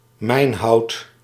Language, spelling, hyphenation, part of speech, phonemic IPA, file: Dutch, mijnhout, mijn‧hout, noun, /ˈmɛi̯n.ɦɑu̯t/, Nl-mijnhout.ogg
- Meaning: wood of which support beams in mines are made; usually conifer wood